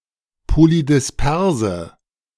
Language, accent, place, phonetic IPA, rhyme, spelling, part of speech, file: German, Germany, Berlin, [polidɪsˈpɛʁzə], -ɛʁzə, polydisperse, adjective, De-polydisperse.ogg
- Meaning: inflection of polydispers: 1. strong/mixed nominative/accusative feminine singular 2. strong nominative/accusative plural 3. weak nominative all-gender singular